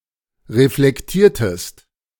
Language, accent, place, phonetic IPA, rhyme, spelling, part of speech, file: German, Germany, Berlin, [ʁeflɛkˈtiːɐ̯təst], -iːɐ̯təst, reflektiertest, verb, De-reflektiertest.ogg
- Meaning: inflection of reflektieren: 1. second-person singular preterite 2. second-person singular subjunctive II